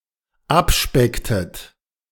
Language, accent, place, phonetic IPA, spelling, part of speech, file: German, Germany, Berlin, [ˈapˌʃpɛktət], abspecktet, verb, De-abspecktet.ogg
- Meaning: inflection of abspecken: 1. second-person plural dependent preterite 2. second-person plural dependent subjunctive II